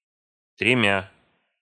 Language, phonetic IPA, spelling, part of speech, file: Russian, [trʲɪˈmʲa], тремя, numeral, Ru-тремя.ogg
- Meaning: instrumental of три (tri)